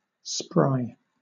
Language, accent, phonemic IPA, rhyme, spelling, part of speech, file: English, Southern England, /spɹaɪ/, -aɪ, spry, adjective, LL-Q1860 (eng)-spry.wav
- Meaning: 1. Having great power of leaping or running; nimble; active 2. Vigorous; lively; cheerful; sprightly